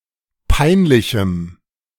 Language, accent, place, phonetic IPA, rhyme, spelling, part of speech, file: German, Germany, Berlin, [ˈpaɪ̯nˌlɪçm̩], -aɪ̯nlɪçm̩, peinlichem, adjective, De-peinlichem.ogg
- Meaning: strong dative masculine/neuter singular of peinlich